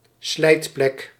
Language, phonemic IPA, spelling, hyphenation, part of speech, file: Dutch, /ˈslɛi̯t.plɛk/, slijtplek, slijt‧plek, noun, Nl-slijtplek.ogg
- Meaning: a wear, a damaged spot